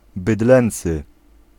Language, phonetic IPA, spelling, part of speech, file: Polish, [bɨˈdlɛ̃nt͡sɨ], bydlęcy, adjective, Pl-bydlęcy.ogg